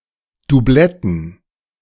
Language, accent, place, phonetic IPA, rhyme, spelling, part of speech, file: German, Germany, Berlin, [duˈblɛtn̩], -ɛtn̩, Dubletten, noun, De-Dubletten.ogg
- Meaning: plural of Dublette